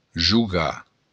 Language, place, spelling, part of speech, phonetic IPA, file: Occitan, Béarn, jogar, verb, [d͡ʒuˈɡa], LL-Q14185 (oci)-jogar.wav
- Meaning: to play